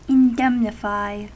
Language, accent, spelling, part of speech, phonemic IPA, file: English, US, indemnify, verb, /ɪnˈdɛm.nɪ.faɪ/, En-us-indemnify.ogg
- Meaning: 1. To secure against loss or damage; to insure 2. To compensate or reimburse someone for some expense or injury 3. to hurt, to harm